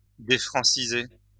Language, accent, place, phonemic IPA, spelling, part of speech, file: French, France, Lyon, /de.fʁɑ̃.si.ze/, défranciser, verb, LL-Q150 (fra)-défranciser.wav
- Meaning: to unfrenchify